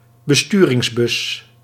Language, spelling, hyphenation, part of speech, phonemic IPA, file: Dutch, besturingsbus, be‧stu‧rings‧bus, noun, /bəˈstyː.rɪŋsˌbʏs/, Nl-besturingsbus.ogg
- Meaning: control bus